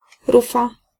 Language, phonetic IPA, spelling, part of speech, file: Polish, [ˈrufa], rufa, noun, Pl-rufa.ogg